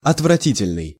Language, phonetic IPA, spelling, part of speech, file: Russian, [ɐtvrɐˈtʲitʲɪlʲnɨj], отвратительный, adjective, Ru-отвратительный.ogg
- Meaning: disgusting (repulsive, distasteful)